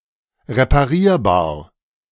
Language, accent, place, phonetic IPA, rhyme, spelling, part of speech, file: German, Germany, Berlin, [ʁepaˈʁiːɐ̯baːɐ̯], -iːɐ̯baːɐ̯, reparierbar, adjective, De-reparierbar.ogg
- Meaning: repairable, fixable